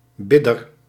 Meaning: someone who prays
- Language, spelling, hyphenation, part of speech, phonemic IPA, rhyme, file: Dutch, bidder, bid‧der, noun, /ˈbɪ.dər/, -ɪdər, Nl-bidder.ogg